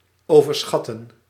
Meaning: to overestimate
- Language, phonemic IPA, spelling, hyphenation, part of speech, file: Dutch, /ˌoː.vərˈsxɑ.tə(n)/, overschatten, over‧schat‧ten, verb, Nl-overschatten.ogg